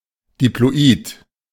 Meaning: diploid
- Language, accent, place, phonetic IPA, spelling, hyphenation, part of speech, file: German, Germany, Berlin, [diploˈiːt], diploid, di‧plo‧id, adjective, De-diploid.ogg